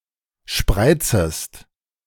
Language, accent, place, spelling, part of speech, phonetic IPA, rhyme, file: German, Germany, Berlin, spreizest, verb, [ˈʃpʁaɪ̯t͡səst], -aɪ̯t͡səst, De-spreizest.ogg
- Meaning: second-person singular subjunctive I of spreizen